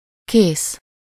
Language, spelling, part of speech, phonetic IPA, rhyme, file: Hungarian, kész, adjective / adverb / verb, [ˈkeːs], -eːs, Hu-kész.ogg
- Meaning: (adjective) 1. finished, done 2. ready (prepared for immediate action or use) 3. fagged out, worn out (both psychically or physically) 4. drunk, stoned 5. true, real